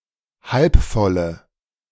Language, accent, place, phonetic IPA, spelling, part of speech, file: German, Germany, Berlin, [ˈhalpˌfɔlə], halbvolle, adjective, De-halbvolle.ogg
- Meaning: inflection of halbvoll: 1. strong/mixed nominative/accusative feminine singular 2. strong nominative/accusative plural 3. weak nominative all-gender singular